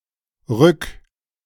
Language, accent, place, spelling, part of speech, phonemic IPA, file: German, Germany, Berlin, rück-, prefix, /ʁʏk/, De-rück-.ogg
- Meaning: 1. back; indicates a reversing or inverse of an action 2. back, rear